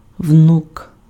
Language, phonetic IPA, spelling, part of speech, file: Ukrainian, [wnuk], внук, noun, Uk-внук.ogg
- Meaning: 1. grandson 2. grandchildren 3. genitive plural of вну́ка (vnúka)